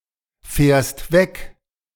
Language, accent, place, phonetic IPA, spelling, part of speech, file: German, Germany, Berlin, [ˌfɛːɐ̯st ˈvɛk], fährst weg, verb, De-fährst weg.ogg
- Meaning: second-person singular present of wegfahren